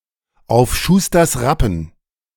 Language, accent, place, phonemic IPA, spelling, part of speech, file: German, Germany, Berlin, /aʊ̯f ˈʃuːstɐs ˈʁapn̩/, auf Schusters Rappen, prepositional phrase, De-auf Schusters Rappen.ogg
- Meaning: on shanks' mare, on foot